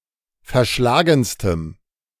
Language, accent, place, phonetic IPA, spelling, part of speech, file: German, Germany, Berlin, [fɛɐ̯ˈʃlaːɡn̩stəm], verschlagenstem, adjective, De-verschlagenstem.ogg
- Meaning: strong dative masculine/neuter singular superlative degree of verschlagen